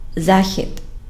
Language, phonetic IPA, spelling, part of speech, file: Ukrainian, [ˈzaxʲid], Захід, proper noun, Uk-Захід.ogg
- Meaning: West